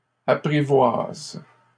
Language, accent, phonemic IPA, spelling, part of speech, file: French, Canada, /a.pʁi.vwaz/, apprivoisent, verb, LL-Q150 (fra)-apprivoisent.wav
- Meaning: third-person plural present indicative/subjunctive of apprivoiser